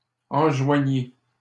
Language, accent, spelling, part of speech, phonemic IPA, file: French, Canada, enjoignit, verb, /ɑ̃.ʒwa.ɲi/, LL-Q150 (fra)-enjoignit.wav
- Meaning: third-person singular past historic of enjoindre